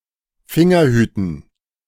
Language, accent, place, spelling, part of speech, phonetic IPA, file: German, Germany, Berlin, Fingerhüten, noun, [ˈfɪŋɐˌhyːtn̩], De-Fingerhüten.ogg
- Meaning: dative plural of Fingerhut